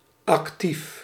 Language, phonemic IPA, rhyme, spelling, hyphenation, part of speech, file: Dutch, /ɑkˈtif/, -if, actief, ac‧tief, adjective / noun, Nl-actief.ogg
- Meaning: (adjective) active; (noun) active voice